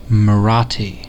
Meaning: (proper noun) An Indo-Aryan language that is the predominant language spoken in the state of Maharashtra, India
- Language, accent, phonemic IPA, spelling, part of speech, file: English, US, /məˈɹɑːti/, Marathi, proper noun / noun / adjective, En-us-Marathi.ogg